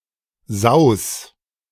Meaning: singular imperative of sausen
- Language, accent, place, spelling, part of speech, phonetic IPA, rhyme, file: German, Germany, Berlin, saus, verb, [zaʊ̯s], -aʊ̯s, De-saus.ogg